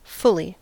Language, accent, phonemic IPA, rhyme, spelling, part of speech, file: English, US, /ˈfʊli/, -ʊli, fully, adverb / verb, En-us-fully.ogg
- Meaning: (adverb) 1. In a full manner; without lack or defect; completely, entirely 2. Used as an intensifier for a quantity 3. Exactly, equally 4. So as to be full (not hungry); to satiation